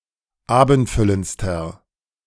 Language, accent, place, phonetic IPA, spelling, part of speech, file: German, Germany, Berlin, [ˈaːbn̩tˌfʏlənt͡stɐ], abendfüllendster, adjective, De-abendfüllendster.ogg
- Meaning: inflection of abendfüllend: 1. strong/mixed nominative masculine singular superlative degree 2. strong genitive/dative feminine singular superlative degree 3. strong genitive plural superlative degree